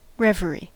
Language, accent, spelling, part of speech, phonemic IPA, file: English, US, reverie, noun / verb, /ˈɹɛvəɹi/, En-us-reverie.ogg
- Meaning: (noun) 1. A state of dreaming while awake; a loose or irregular train of thought; musing or meditation; daydream 2. An extravagant conceit of the imagination; a vision; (verb) To daydream